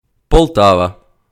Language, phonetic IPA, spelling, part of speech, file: Ukrainian, [pɔɫˈtaʋɐ], Полтава, proper noun, Uk-Полтава.ogg
- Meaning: Poltava (a city in Ukraine)